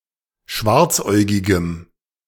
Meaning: strong dative masculine/neuter singular of schwarzäugig
- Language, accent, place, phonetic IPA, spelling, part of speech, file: German, Germany, Berlin, [ˈʃvaʁt͡sˌʔɔɪ̯ɡɪɡəm], schwarzäugigem, adjective, De-schwarzäugigem.ogg